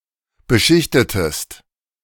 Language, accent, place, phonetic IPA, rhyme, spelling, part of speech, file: German, Germany, Berlin, [bəˈʃɪçtətəst], -ɪçtətəst, beschichtetest, verb, De-beschichtetest.ogg
- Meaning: inflection of beschichten: 1. second-person singular preterite 2. second-person singular subjunctive II